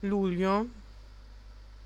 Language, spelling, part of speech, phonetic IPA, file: Italian, luglio, noun, [ˈluʎʎo], It-luglio.ogg